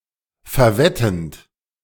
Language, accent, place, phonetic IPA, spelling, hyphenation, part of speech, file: German, Germany, Berlin, [fɛɐ̯ˈvɛtn̩t], verwettend, ver‧wet‧tend, verb, De-verwettend.ogg
- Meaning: present participle of verwerten